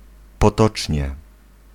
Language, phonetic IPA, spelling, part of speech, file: Polish, [pɔˈtɔt͡ʃʲɲɛ], potocznie, adverb, Pl-potocznie.ogg